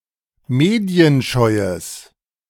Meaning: strong/mixed nominative/accusative neuter singular of medienscheu
- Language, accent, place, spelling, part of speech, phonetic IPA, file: German, Germany, Berlin, medienscheues, adjective, [ˈmeːdi̯ənˌʃɔɪ̯əs], De-medienscheues.ogg